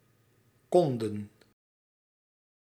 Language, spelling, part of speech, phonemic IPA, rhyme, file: Dutch, konden, verb, /ˈkɔn.dən/, -ɔndən, Nl-konden.ogg
- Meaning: 1. To announce, proclaim, make known 2. inflection of kunnen: plural past indicative 3. inflection of kunnen: plural past subjunctive